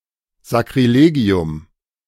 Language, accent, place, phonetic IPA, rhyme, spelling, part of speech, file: German, Germany, Berlin, [zakʁiˈleːɡi̯ʊm], -eːɡi̯ʊm, Sakrilegium, noun, De-Sakrilegium.ogg
- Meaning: sacrilege